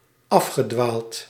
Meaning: past participle of afdwalen
- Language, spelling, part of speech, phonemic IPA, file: Dutch, afgedwaald, verb, /ˈɑfxədwalt/, Nl-afgedwaald.ogg